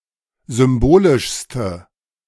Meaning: inflection of symbolisch: 1. strong/mixed nominative/accusative feminine singular superlative degree 2. strong nominative/accusative plural superlative degree
- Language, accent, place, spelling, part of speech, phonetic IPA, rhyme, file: German, Germany, Berlin, symbolischste, adjective, [ˌzʏmˈboːlɪʃstə], -oːlɪʃstə, De-symbolischste.ogg